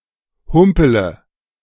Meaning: inflection of humpeln: 1. first-person singular present 2. first-person plural subjunctive I 3. third-person singular subjunctive I 4. singular imperative
- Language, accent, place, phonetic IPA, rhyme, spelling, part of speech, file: German, Germany, Berlin, [ˈhʊmpələ], -ʊmpələ, humpele, verb, De-humpele.ogg